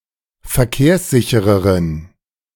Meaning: inflection of verkehrssicher: 1. strong genitive masculine/neuter singular 2. weak/mixed genitive/dative all-gender singular 3. strong/weak/mixed accusative masculine singular 4. strong dative plural
- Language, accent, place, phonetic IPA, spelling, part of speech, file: German, Germany, Berlin, [fɛɐ̯ˈkeːɐ̯sˌzɪçəʁən], verkehrssicheren, adjective, De-verkehrssicheren.ogg